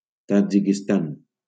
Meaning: Tajikistan (a country in Central Asia)
- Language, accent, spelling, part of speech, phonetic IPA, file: Catalan, Valencia, Tadjikistan, proper noun, [ta.d͡ʒi.kisˈtan], LL-Q7026 (cat)-Tadjikistan.wav